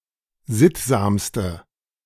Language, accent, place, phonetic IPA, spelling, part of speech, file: German, Germany, Berlin, [ˈzɪtzaːmstə], sittsamste, adjective, De-sittsamste.ogg
- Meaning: inflection of sittsam: 1. strong/mixed nominative/accusative feminine singular superlative degree 2. strong nominative/accusative plural superlative degree